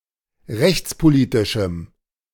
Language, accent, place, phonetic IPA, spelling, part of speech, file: German, Germany, Berlin, [ˈʁɛçt͡spoˌliːtɪʃm̩], rechtspolitischem, adjective, De-rechtspolitischem.ogg
- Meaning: strong dative masculine/neuter singular of rechtspolitisch